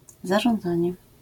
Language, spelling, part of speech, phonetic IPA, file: Polish, zarządzanie, noun, [ˌzaʒɔ̃nˈd͡zãɲɛ], LL-Q809 (pol)-zarządzanie.wav